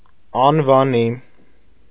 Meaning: famed, renowned
- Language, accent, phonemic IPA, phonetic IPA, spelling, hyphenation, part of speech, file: Armenian, Eastern Armenian, /ɑnvɑˈni/, [ɑnvɑní], անվանի, ան‧վա‧նի, adjective, Hy-անվանի.ogg